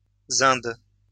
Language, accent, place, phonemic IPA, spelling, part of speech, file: French, France, Lyon, /zɛ̃d/, zend, adjective / noun, LL-Q150 (fra)-zend.wav
- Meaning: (adjective) Avestan; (noun) the Avestan language